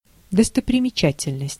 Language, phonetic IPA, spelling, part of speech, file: Russian, [dəstəprʲɪmʲɪˈt͡ɕætʲɪlʲnəsʲtʲ], достопримечательность, noun, Ru-достопримечательность.ogg
- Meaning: attraction (something remarkable or worthy of taking note)